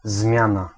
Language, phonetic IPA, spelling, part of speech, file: Polish, [ˈzmʲjãna], zmiana, noun, Pl-zmiana.ogg